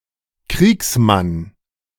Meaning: warrior
- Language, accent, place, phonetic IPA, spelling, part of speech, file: German, Germany, Berlin, [ˈkʁiːksˌman], Kriegsmann, noun, De-Kriegsmann.ogg